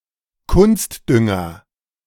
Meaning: fertilizer (especially artificial)
- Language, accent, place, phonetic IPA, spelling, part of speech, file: German, Germany, Berlin, [ˈkʊnstˌdʏŋɐ], Kunstdünger, noun, De-Kunstdünger.ogg